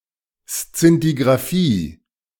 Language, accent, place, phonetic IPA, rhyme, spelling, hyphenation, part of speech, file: German, Germany, Berlin, [st͡sɪntiɡʁaˈfiː], -iː, Szintigraphie, Szin‧ti‧gra‧phie, noun, De-Szintigraphie.ogg
- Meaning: alternative form of Szintigrafie